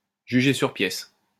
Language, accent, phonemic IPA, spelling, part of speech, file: French, France, /ʒy.ʒe syʁ pjɛs/, juger sur pièces, verb, LL-Q150 (fra)-juger sur pièces.wav